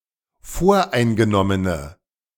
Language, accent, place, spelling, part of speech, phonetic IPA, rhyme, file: German, Germany, Berlin, voreingenommene, adjective, [ˈfoːɐ̯ʔaɪ̯nɡəˌnɔmənə], -aɪ̯nɡənɔmənə, De-voreingenommene.ogg
- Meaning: inflection of voreingenommen: 1. strong/mixed nominative/accusative feminine singular 2. strong nominative/accusative plural 3. weak nominative all-gender singular